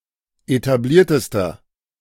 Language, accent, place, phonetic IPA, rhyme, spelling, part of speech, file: German, Germany, Berlin, [etaˈbliːɐ̯təstɐ], -iːɐ̯təstɐ, etabliertester, adjective, De-etabliertester.ogg
- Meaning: inflection of etabliert: 1. strong/mixed nominative masculine singular superlative degree 2. strong genitive/dative feminine singular superlative degree 3. strong genitive plural superlative degree